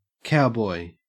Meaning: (noun) 1. A man who tends free-range cattle, especially in the American West 2. A man who identifies with cowboy culture, including wearing a cowboy hat and being a fan of country and western music
- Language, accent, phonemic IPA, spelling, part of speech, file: English, Australia, /ˈkaʊˌbɔɪ/, cowboy, noun / verb, En-au-cowboy.ogg